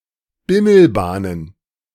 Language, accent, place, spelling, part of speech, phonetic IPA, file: German, Germany, Berlin, Bimmelbahnen, noun, [ˈbɪml̩ˌbaːnən], De-Bimmelbahnen.ogg
- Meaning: plural of Bimmelbahn